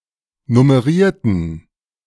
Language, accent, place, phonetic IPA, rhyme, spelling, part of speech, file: German, Germany, Berlin, [nʊməˈʁiːɐ̯tn̩], -iːɐ̯tn̩, nummerierten, adjective / verb, De-nummerierten.ogg
- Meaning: inflection of nummerieren: 1. first/third-person plural preterite 2. first/third-person plural subjunctive II